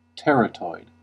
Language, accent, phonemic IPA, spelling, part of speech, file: English, US, /ˈtɛɹ.ə.tɔɪd/, teratoid, adjective / noun, En-us-teratoid.ogg
- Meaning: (adjective) Monster-like, exhibiting abnormal development; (noun) 1. An abnormal tumor similar to a teratoma 2. A mutant